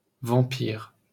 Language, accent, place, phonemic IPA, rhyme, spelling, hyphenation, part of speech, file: French, France, Paris, /vɑ̃.piʁ/, -iʁ, vampire, vam‧pire, noun, LL-Q150 (fra)-vampire.wav
- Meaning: vampire